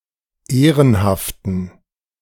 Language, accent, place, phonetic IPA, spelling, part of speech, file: German, Germany, Berlin, [ˈeːʁənhaftn̩], ehrenhaften, adjective, De-ehrenhaften.ogg
- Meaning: inflection of ehrenhaft: 1. strong genitive masculine/neuter singular 2. weak/mixed genitive/dative all-gender singular 3. strong/weak/mixed accusative masculine singular 4. strong dative plural